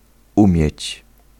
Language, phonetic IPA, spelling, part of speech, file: Polish, [ˈũmʲjɛ̇t͡ɕ], umieć, verb, Pl-umieć.ogg